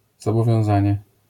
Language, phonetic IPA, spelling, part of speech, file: Polish, [ˌzɔbɔvʲjɔ̃w̃ˈzãɲɛ], zobowiązanie, noun, LL-Q809 (pol)-zobowiązanie.wav